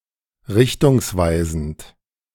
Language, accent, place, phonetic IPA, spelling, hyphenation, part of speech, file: German, Germany, Berlin, [ˈʁɪçtʰʊŋsˌvaɪ̯zn̩t], richtungsweisend, rich‧tungs‧wei‧send, adjective, De-richtungsweisend.ogg
- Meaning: pointing the way (ahead), pioneering, pathbreaking, groundbreaking, trailblazing